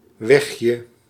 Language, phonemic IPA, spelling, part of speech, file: Dutch, /ˈwɛxjə/, wegje, noun, Nl-wegje.ogg
- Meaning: diminutive of weg